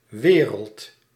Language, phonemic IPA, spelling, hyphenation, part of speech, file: Dutch, /ˈʋeː.rəlt/, wereld, we‧reld, noun, Nl-wereld.ogg
- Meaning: world